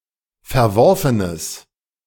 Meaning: strong/mixed nominative/accusative neuter singular of verworfen
- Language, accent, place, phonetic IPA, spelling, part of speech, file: German, Germany, Berlin, [fɛɐ̯ˈvɔʁfənəs], verworfenes, adjective, De-verworfenes.ogg